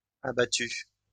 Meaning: masculine plural of abattu
- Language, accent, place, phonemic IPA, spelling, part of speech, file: French, France, Lyon, /a.ba.ty/, abattus, verb, LL-Q150 (fra)-abattus.wav